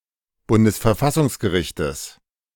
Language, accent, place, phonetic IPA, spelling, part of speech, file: German, Germany, Berlin, [ˈbʊndəsfɛɐ̯ˈfasʊŋsɡəˌʁɪçtəs], Bundesverfassungsgerichtes, noun, De-Bundesverfassungsgerichtes.ogg
- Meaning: genitive singular of Bundesverfassungsgericht